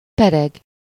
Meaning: 1. to spin, to roll 2. to roll, roll by, pass, elapse 3. to roll, beat 4. to have contact bounce
- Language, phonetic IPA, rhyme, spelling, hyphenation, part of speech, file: Hungarian, [ˈpɛrɛɡ], -ɛɡ, pereg, pe‧reg, verb, Hu-pereg.ogg